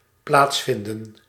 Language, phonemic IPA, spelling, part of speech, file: Dutch, /ˈplaːtsˌfɪndə(n)/, plaatsvinden, verb, Nl-plaatsvinden.ogg
- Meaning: to take place, occur